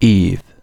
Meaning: 1. The first woman and mother of the human race; Adam's wife 2. An unspecified primordial woman, from whom many or all people are descended 3. A female given name from Hebrew
- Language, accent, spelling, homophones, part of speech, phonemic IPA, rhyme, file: English, UK, Eve, eve / eave, proper noun, /iːv/, -iːv, En-uk-Eve.ogg